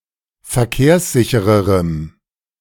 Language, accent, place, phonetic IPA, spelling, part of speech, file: German, Germany, Berlin, [fɛɐ̯ˈkeːɐ̯sˌzɪçəʁəʁəm], verkehrssichererem, adjective, De-verkehrssichererem.ogg
- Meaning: strong dative masculine/neuter singular comparative degree of verkehrssicher